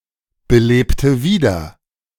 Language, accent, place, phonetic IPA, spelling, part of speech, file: German, Germany, Berlin, [bəˌleːptə ˈviːdɐ], belebte wieder, verb, De-belebte wieder.ogg
- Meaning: inflection of wiederbeleben: 1. first/third-person singular preterite 2. first/third-person singular subjunctive II